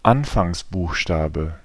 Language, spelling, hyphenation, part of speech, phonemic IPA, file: German, Anfangsbuchstabe, An‧fangs‧buch‧sta‧be, noun, /ˈanfaŋsˌbuːxʃtaːbə/, De-Anfangsbuchstabe.ogg
- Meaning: 1. initial 2. monogram